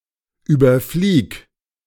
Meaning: singular imperative of überfliegen
- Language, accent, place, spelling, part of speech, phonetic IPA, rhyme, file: German, Germany, Berlin, überflieg, verb, [ˌyːbɐˈfliːk], -iːk, De-überflieg.ogg